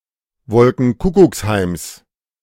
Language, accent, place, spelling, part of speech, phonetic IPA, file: German, Germany, Berlin, Wolkenkuckucksheims, noun, [ˈvɔlkŋ̩ˈkʊkʊksˌhaɪ̯ms], De-Wolkenkuckucksheims.ogg
- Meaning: genitive singular of Wolkenkuckucksheim